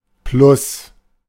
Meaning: 1. plus, increased by 2. plus (UK), positive (US) 3. plus (US) (slightly better than a given grade)
- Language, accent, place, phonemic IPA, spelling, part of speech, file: German, Germany, Berlin, /plʊs/, plus, adverb, De-plus.ogg